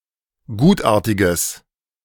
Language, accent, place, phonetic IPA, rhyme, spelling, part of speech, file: German, Germany, Berlin, [ˈɡuːtˌʔaːɐ̯tɪɡəs], -uːtʔaːɐ̯tɪɡəs, gutartiges, adjective, De-gutartiges.ogg
- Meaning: strong/mixed nominative/accusative neuter singular of gutartig